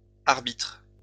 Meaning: plural of arbitre
- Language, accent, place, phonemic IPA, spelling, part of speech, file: French, France, Lyon, /aʁ.bitʁ/, arbitres, noun, LL-Q150 (fra)-arbitres.wav